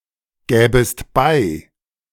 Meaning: second-person singular subjunctive II of beigeben
- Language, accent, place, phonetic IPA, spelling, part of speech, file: German, Germany, Berlin, [ˌɡɛːbəst ˈbaɪ̯], gäbest bei, verb, De-gäbest bei.ogg